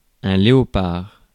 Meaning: leopard (a large wild cat with a spotted coat, Panthera pardus)
- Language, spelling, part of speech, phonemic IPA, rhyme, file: French, léopard, noun, /le.ɔ.paʁ/, -aʁ, Fr-léopard.ogg